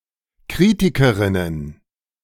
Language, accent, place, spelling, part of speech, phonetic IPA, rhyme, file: German, Germany, Berlin, Kritikerinnen, noun, [ˈkʁiːtɪkəʁɪnən], -iːtɪkəʁɪnən, De-Kritikerinnen.ogg
- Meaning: plural of Kritikerin